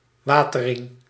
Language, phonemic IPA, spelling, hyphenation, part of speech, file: Dutch, /ˈʋaː.təˌrɪŋ/, watering, wa‧te‧ring, noun, Nl-watering.ogg
- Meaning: alternative form of wetering